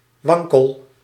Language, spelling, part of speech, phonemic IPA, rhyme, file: Dutch, wankel, adjective / verb, /ˈʋɑŋ.kəl/, -ɑŋkəl, Nl-wankel.ogg
- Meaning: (adjective) 1. unsteady, unstable, tottering 2. shaky, insecure; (verb) inflection of wankelen: 1. first-person singular present indicative 2. second-person singular present indicative 3. imperative